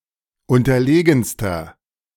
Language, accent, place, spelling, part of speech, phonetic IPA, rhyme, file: German, Germany, Berlin, unterlegenster, adjective, [ˌʊntɐˈleːɡn̩stɐ], -eːɡn̩stɐ, De-unterlegenster.ogg
- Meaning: inflection of unterlegen: 1. strong/mixed nominative masculine singular superlative degree 2. strong genitive/dative feminine singular superlative degree 3. strong genitive plural superlative degree